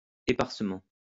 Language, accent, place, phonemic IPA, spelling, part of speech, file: French, France, Lyon, /e.paʁ.sə.mɑ̃/, éparsement, adverb, LL-Q150 (fra)-éparsement.wav
- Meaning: sparsely